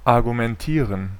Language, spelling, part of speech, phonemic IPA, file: German, argumentieren, verb, /aʁɡumɛnˈtiːʁən/, De-argumentieren.ogg
- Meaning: to argue (to bring forward an argument)